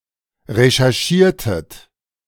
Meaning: inflection of recherchieren: 1. second-person plural preterite 2. second-person plural subjunctive II
- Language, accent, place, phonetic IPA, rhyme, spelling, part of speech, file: German, Germany, Berlin, [ʁeʃɛʁˈʃiːɐ̯tət], -iːɐ̯tət, recherchiertet, verb, De-recherchiertet.ogg